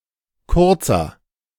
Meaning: inflection of kurz: 1. strong/mixed nominative masculine singular 2. strong genitive/dative feminine singular 3. strong genitive plural
- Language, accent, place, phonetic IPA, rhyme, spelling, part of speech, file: German, Germany, Berlin, [ˈkʊʁt͡sɐ], -ʊʁt͡sɐ, kurzer, adjective, De-kurzer.ogg